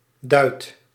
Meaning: 1. a doit, a Dutch copper coin with the value of ¹⁄₁₆₀ of a guilder, current before the decimalization of 1816 2. an amount of money, a sum of money 3. money in general
- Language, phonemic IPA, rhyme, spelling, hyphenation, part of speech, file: Dutch, /dœy̯t/, -œy̯t, duit, duit, noun, Nl-duit.ogg